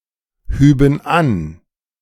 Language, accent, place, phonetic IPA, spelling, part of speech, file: German, Germany, Berlin, [ˌhyːbn̩ ˈan], hüben an, verb, De-hüben an.ogg
- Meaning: first/third-person plural subjunctive II of anheben